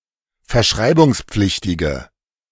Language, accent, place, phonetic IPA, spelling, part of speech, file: German, Germany, Berlin, [fɛɐ̯ˈʃʁaɪ̯bʊŋsˌp͡flɪçtɪɡə], verschreibungspflichtige, adjective, De-verschreibungspflichtige.ogg
- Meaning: inflection of verschreibungspflichtig: 1. strong/mixed nominative/accusative feminine singular 2. strong nominative/accusative plural 3. weak nominative all-gender singular